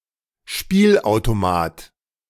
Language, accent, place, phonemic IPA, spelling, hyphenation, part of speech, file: German, Germany, Berlin, /ˈʃpiːl.aʊ̯toˌmaːt/, Spielautomat, Spiel‧au‧to‧mat, noun, De-Spielautomat.ogg
- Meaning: 1. slot machine 2. any arcade game, e.g. pinball